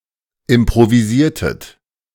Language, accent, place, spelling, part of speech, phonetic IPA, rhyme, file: German, Germany, Berlin, improvisiertet, verb, [ɪmpʁoviˈziːɐ̯tət], -iːɐ̯tət, De-improvisiertet.ogg
- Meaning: inflection of improvisieren: 1. second-person plural preterite 2. second-person plural subjunctive II